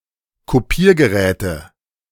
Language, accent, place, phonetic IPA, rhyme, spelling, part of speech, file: German, Germany, Berlin, [koˈpiːɐ̯ɡəˌʁɛːtə], -iːɐ̯ɡəʁɛːtə, Kopiergeräte, noun, De-Kopiergeräte.ogg
- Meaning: nominative/accusative/genitive plural of Kopiergerät